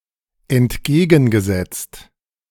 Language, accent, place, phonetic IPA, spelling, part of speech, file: German, Germany, Berlin, [ɛntˈɡeːɡn̩ɡəˌzɛt͡st], entgegengesetzt, verb, De-entgegengesetzt.ogg
- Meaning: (verb) past participle of entgegensetzen; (adjective) 1. opposed, opposite, opposing, contrary 2. inverse